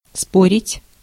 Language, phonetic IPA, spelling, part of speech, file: Russian, [ˈsporʲɪtʲ], спорить, verb, Ru-спорить.ogg
- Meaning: 1. to dispute, to argue 2. to discuss, to debate 3. to bet, to wager